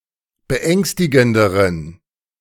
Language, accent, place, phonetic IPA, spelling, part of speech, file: German, Germany, Berlin, [bəˈʔɛŋstɪɡn̩dəʁən], beängstigenderen, adjective, De-beängstigenderen.ogg
- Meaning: inflection of beängstigend: 1. strong genitive masculine/neuter singular comparative degree 2. weak/mixed genitive/dative all-gender singular comparative degree